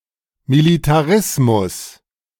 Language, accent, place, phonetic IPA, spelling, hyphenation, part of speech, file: German, Germany, Berlin, [militaˈʁɪsmʊs], Militarismus, Mi‧li‧ta‧ris‧mus, noun, De-Militarismus.ogg
- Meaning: militarism